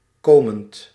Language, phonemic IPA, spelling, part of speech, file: Dutch, /ˈkomənt/, komend, verb / adjective, Nl-komend.ogg
- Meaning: present participle of komen